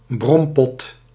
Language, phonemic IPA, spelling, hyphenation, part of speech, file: Dutch, /ˈbrɔm.pɔt/, brompot, brom‧pot, noun, Nl-brompot.ogg
- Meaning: a grump (usually male)